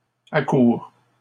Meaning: inflection of accourir: 1. first/second-person singular present indicative 2. second-person singular imperative
- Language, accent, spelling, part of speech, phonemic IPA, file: French, Canada, accours, verb, /a.kuʁ/, LL-Q150 (fra)-accours.wav